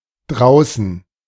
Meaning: 1. outside 2. out there
- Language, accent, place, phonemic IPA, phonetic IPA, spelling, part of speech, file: German, Germany, Berlin, /ˈdraʊ̯sən/, [ˈdʁaʊ̯sn̩], draußen, adverb, De-draußen.ogg